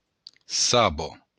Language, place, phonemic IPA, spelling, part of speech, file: Occitan, Béarn, /ˈsaβo/, saba, noun, LL-Q14185 (oci)-saba.wav
- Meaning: sap